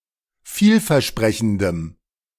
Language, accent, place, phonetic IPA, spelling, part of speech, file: German, Germany, Berlin, [ˈfiːlfɛɐ̯ˌʃpʁɛçn̩dəm], vielversprechendem, adjective, De-vielversprechendem.ogg
- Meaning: strong dative masculine/neuter singular of vielversprechend